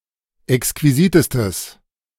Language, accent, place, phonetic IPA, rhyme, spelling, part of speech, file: German, Germany, Berlin, [ɛkskviˈziːtəstəs], -iːtəstəs, exquisitestes, adjective, De-exquisitestes.ogg
- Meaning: strong/mixed nominative/accusative neuter singular superlative degree of exquisit